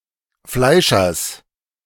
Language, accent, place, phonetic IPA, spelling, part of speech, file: German, Germany, Berlin, [ˈflaɪ̯ʃɐs], Fleischers, noun, De-Fleischers.ogg
- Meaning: genitive singular of Fleischer